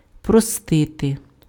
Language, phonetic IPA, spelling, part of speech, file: Ukrainian, [prɔˈstɪte], простити, verb, Uk-простити.ogg
- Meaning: 1. to forgive, to pardon, to excuse 2. to condone 3. to absolve